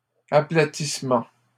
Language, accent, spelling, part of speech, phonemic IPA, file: French, Canada, aplatissement, noun, /a.pla.tis.mɑ̃/, LL-Q150 (fra)-aplatissement.wav
- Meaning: flattening